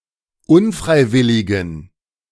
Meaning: inflection of unfreiwillig: 1. strong genitive masculine/neuter singular 2. weak/mixed genitive/dative all-gender singular 3. strong/weak/mixed accusative masculine singular 4. strong dative plural
- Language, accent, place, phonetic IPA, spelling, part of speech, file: German, Germany, Berlin, [ˈʊnˌfʁaɪ̯ˌvɪlɪɡn̩], unfreiwilligen, adjective, De-unfreiwilligen.ogg